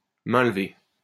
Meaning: withdrawal; release
- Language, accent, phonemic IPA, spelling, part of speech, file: French, France, /mɛ̃l.ve/, mainlevée, noun, LL-Q150 (fra)-mainlevée.wav